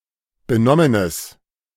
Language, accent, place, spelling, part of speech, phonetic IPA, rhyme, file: German, Germany, Berlin, benommenes, adjective, [bəˈnɔmənəs], -ɔmənəs, De-benommenes.ogg
- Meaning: strong/mixed nominative/accusative neuter singular of benommen